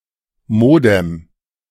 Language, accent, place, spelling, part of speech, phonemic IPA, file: German, Germany, Berlin, Modem, noun, /ˈmoːdɛm/, De-Modem.ogg
- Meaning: modem; a device that encodes digital computer signals into analog telephone signals and vice-versa. It allows computers to communicate over a phone line